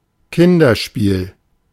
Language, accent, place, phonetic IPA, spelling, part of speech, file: German, Germany, Berlin, [ˈkɪndɐˌʃpiːl], Kinderspiel, noun, De-Kinderspiel.ogg
- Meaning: 1. children’s game 2. child’s play, piece of cake